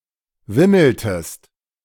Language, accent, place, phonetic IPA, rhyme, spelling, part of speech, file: German, Germany, Berlin, [ˈvɪml̩təst], -ɪml̩təst, wimmeltest, verb, De-wimmeltest.ogg
- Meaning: inflection of wimmeln: 1. second-person singular preterite 2. second-person singular subjunctive II